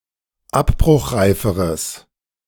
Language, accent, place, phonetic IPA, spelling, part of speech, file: German, Germany, Berlin, [ˈapbʁʊxˌʁaɪ̯fəʁəs], abbruchreiferes, adjective, De-abbruchreiferes.ogg
- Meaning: strong/mixed nominative/accusative neuter singular comparative degree of abbruchreif